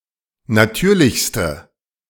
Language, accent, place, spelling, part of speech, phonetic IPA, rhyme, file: German, Germany, Berlin, natürlichste, adjective, [naˈtyːɐ̯lɪçstə], -yːɐ̯lɪçstə, De-natürlichste.ogg
- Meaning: inflection of natürlich: 1. strong/mixed nominative/accusative feminine singular superlative degree 2. strong nominative/accusative plural superlative degree